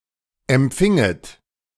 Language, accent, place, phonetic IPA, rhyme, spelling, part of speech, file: German, Germany, Berlin, [ɛmˈp͡fɪŋət], -ɪŋət, empfinget, verb, De-empfinget.ogg
- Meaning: second-person plural subjunctive II of empfangen